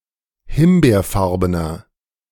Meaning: inflection of himbeerfarben: 1. strong/mixed nominative masculine singular 2. strong genitive/dative feminine singular 3. strong genitive plural
- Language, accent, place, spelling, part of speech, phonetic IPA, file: German, Germany, Berlin, himbeerfarbener, adjective, [ˈhɪmbeːɐ̯ˌfaʁbənɐ], De-himbeerfarbener.ogg